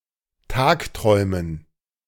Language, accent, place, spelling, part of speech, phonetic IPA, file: German, Germany, Berlin, tagträumen, verb, [ˈtaːkˌtʁɔɪ̯mən], De-tagträumen.ogg
- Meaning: to daydream